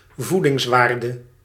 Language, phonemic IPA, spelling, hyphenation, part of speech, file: Dutch, /ˈvu.dɪŋsˌʋaːr.də/, voedingswaarde, voe‧dings‧waar‧de, noun, Nl-voedingswaarde.ogg
- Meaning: nutritional value